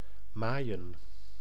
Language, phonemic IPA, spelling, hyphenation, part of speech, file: Dutch, /ˈmaːi̯ə(n)/, maaien, maai‧en, verb, Nl-maaien.ogg
- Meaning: to mow